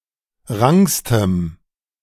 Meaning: strong dative masculine/neuter singular superlative degree of rank
- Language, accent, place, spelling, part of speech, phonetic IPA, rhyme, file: German, Germany, Berlin, rankstem, adjective, [ˈʁaŋkstəm], -aŋkstəm, De-rankstem.ogg